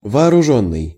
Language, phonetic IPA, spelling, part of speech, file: Russian, [vɐɐrʊˈʐonːɨj], вооружённый, verb / adjective, Ru-вооружённый.ogg
- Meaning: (verb) past passive perfective participle of вооружи́ть (vooružítʹ); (adjective) armed (equipped, especially with a weapon)